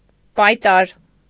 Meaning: farrier
- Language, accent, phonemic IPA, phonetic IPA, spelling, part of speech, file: Armenian, Eastern Armenian, /pɑjˈtɑɾ/, [pɑjtɑ́ɾ], պայտար, noun, Hy-պայտար.ogg